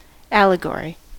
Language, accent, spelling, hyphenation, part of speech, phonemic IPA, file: English, General American, allegory, al‧le‧gory, noun / verb, /ˈæləˌɡɔɹi/, En-us-allegory.ogg